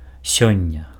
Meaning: today
- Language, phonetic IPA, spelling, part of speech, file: Belarusian, [ˈsʲonʲːa], сёння, adverb, Be-сёння.ogg